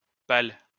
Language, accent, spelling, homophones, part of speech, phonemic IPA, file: French, France, pal, pale / pales / pâle, noun, /pal/, LL-Q150 (fra)-pal.wav
- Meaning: 1. stake 2. pole 3. pale